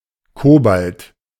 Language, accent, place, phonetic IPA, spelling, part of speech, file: German, Germany, Berlin, [ˈkoːbalt], Cobalt, noun, De-Cobalt.ogg
- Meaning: alternative form of Kobalt